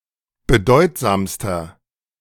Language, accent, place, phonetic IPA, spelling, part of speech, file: German, Germany, Berlin, [bəˈdɔɪ̯tzaːmstɐ], bedeutsamster, adjective, De-bedeutsamster.ogg
- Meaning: inflection of bedeutsam: 1. strong/mixed nominative masculine singular superlative degree 2. strong genitive/dative feminine singular superlative degree 3. strong genitive plural superlative degree